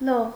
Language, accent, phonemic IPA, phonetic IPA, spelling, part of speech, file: Armenian, Eastern Armenian, /loʁ/, [loʁ], լող, noun, Hy-լող.ogg
- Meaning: swimming